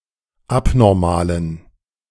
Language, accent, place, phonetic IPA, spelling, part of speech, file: German, Germany, Berlin, [ˈapnɔʁmaːlən], abnormalen, adjective, De-abnormalen.ogg
- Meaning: inflection of abnormal: 1. strong genitive masculine/neuter singular 2. weak/mixed genitive/dative all-gender singular 3. strong/weak/mixed accusative masculine singular 4. strong dative plural